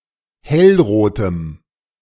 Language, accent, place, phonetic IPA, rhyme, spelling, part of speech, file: German, Germany, Berlin, [ˈhɛlˌʁoːtəm], -ɛlʁoːtəm, hellrotem, adjective, De-hellrotem.ogg
- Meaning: strong dative masculine/neuter singular of hellrot